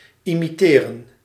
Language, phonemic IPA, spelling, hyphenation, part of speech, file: Dutch, /ˌi.miˈteː.rə(n)/, imiteren, imi‧te‧ren, verb, Nl-imiteren.ogg
- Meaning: to imitate